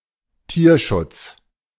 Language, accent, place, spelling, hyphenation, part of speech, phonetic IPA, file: German, Germany, Berlin, Tierschutz, Tier‧schutz, noun, [ˈtiːɐ̯ʃʊts], De-Tierschutz.ogg
- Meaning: animal protection / welfare